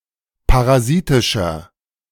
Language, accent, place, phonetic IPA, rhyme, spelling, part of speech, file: German, Germany, Berlin, [paʁaˈziːtɪʃɐ], -iːtɪʃɐ, parasitischer, adjective, De-parasitischer.ogg
- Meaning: inflection of parasitisch: 1. strong/mixed nominative masculine singular 2. strong genitive/dative feminine singular 3. strong genitive plural